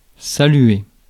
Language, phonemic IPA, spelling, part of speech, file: French, /sa.lɥe/, saluer, verb, Fr-saluer.ogg
- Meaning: 1. to greet 2. to wave to (as a greeting) 3. to say goodbye to 4. to salute 5. to salute, pay tribute to; to hail